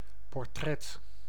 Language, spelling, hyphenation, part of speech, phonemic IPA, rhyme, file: Dutch, portret, por‧tret, noun, /pɔrˈtrɛt/, -ɛt, Nl-portret.ogg
- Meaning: portrait